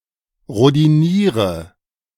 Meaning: inflection of rhodinieren: 1. first-person singular present 2. first/third-person singular subjunctive I 3. singular imperative
- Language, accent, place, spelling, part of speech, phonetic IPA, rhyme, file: German, Germany, Berlin, rhodiniere, verb, [ʁodiˈniːʁə], -iːʁə, De-rhodiniere.ogg